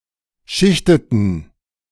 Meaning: inflection of schichten: 1. first/third-person plural preterite 2. first/third-person plural subjunctive II
- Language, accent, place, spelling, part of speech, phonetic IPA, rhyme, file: German, Germany, Berlin, schichteten, verb, [ˈʃɪçtətn̩], -ɪçtətn̩, De-schichteten.ogg